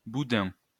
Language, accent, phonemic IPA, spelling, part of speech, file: French, France, /bu.dɛ̃/, boudin, noun, LL-Q150 (fra)-boudin.wav
- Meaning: 1. blood sausage, black pudding 2. tube, ring 3. fatty, lardarse 4. ugly person (not necessarily obese)